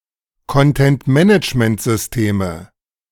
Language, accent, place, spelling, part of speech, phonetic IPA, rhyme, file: German, Germany, Berlin, Content-Management-Systeme, noun, [kɔntɛntˈmɛnɪt͡ʃməntzʏsˈteːmə], -eːmə, De-Content-Management-Systeme.ogg
- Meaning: nominative/accusative/genitive plural of Content-Management-System